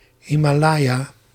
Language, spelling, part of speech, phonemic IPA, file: Dutch, Himalaya, proper noun, /ˌhimaˈlaja/, Nl-Himalaya.ogg
- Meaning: Himalayas (a mountain range in South Asia)